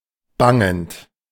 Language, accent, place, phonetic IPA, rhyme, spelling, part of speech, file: German, Germany, Berlin, [ˈbaŋənt], -aŋənt, bangend, verb, De-bangend.ogg
- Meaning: present participle of bangen